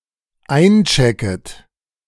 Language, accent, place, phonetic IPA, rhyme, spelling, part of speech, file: German, Germany, Berlin, [ˈaɪ̯nˌt͡ʃɛkət], -aɪ̯nt͡ʃɛkət, einchecket, verb, De-einchecket.ogg
- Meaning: second-person plural dependent subjunctive I of einchecken